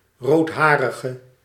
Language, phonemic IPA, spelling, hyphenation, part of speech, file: Dutch, /ˌroːtˈɦaː.rə.ɣə/, roodharige, rood‧ha‧ri‧ge, noun / adjective, Nl-roodharige.ogg
- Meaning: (noun) a redheaded person, ginger; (adjective) inflection of roodharig: 1. masculine/feminine singular attributive 2. definite neuter singular attributive 3. plural attributive